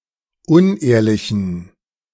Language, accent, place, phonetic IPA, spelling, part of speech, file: German, Germany, Berlin, [ˈʊnˌʔeːɐ̯lɪçn̩], unehrlichen, adjective, De-unehrlichen.ogg
- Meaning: inflection of unehrlich: 1. strong genitive masculine/neuter singular 2. weak/mixed genitive/dative all-gender singular 3. strong/weak/mixed accusative masculine singular 4. strong dative plural